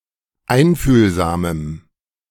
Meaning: strong dative masculine/neuter singular of einfühlsam
- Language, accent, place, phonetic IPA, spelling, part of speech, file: German, Germany, Berlin, [ˈaɪ̯nfyːlzaːməm], einfühlsamem, adjective, De-einfühlsamem.ogg